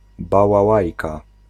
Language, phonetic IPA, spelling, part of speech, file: Polish, [ˌbawaˈwajka], bałałajka, noun, Pl-bałałajka.ogg